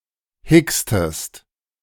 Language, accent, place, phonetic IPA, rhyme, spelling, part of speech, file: German, Germany, Berlin, [ˈhɪkstəst], -ɪkstəst, hickstest, verb, De-hickstest.ogg
- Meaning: inflection of hicksen: 1. second-person singular preterite 2. second-person singular subjunctive II